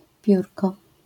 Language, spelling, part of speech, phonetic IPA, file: Polish, piórko, noun, [ˈpʲjurkɔ], LL-Q809 (pol)-piórko.wav